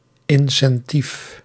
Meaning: incentive
- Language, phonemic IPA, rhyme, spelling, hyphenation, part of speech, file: Dutch, /ˌɪn.sɛnˈtif/, -if, incentief, in‧cen‧tief, noun, Nl-incentief.ogg